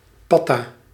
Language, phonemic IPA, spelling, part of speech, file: Dutch, /ˈpɑta/, patta, noun, Nl-patta.ogg